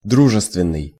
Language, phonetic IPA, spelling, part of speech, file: Russian, [ˈdruʐɨstvʲɪn(ː)ɨj], дружественный, adjective, Ru-дружественный.ogg
- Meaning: amiable, friendly